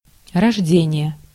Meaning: birth
- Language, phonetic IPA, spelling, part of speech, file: Russian, [rɐʐˈdʲenʲɪje], рождение, noun, Ru-рождение.ogg